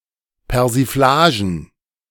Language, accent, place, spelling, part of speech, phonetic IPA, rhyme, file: German, Germany, Berlin, Persiflagen, noun, [pɛʁziˈflaːʒn̩], -aːʒn̩, De-Persiflagen.ogg
- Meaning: plural of Persiflage